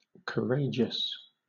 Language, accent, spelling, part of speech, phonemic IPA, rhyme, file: English, Southern England, courageous, adjective, /kəˈɹeɪd͡ʒəs/, -eɪdʒəs, LL-Q1860 (eng)-courageous.wav
- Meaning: 1. Of a person, displaying or possessing courage 2. Of an action, that requires courage